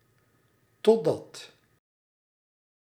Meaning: until, till
- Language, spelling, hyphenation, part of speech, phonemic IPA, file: Dutch, totdat, tot‧dat, conjunction, /tɔˈdɑt/, Nl-totdat.ogg